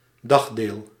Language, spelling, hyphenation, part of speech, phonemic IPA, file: Dutch, dagdeel, dag‧deel, noun, /ˈdɑx.deːl/, Nl-dagdeel.ogg
- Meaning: part of the day, time of day